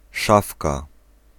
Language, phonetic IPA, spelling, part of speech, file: Polish, [ˈʃafka], szafka, noun, Pl-szafka.ogg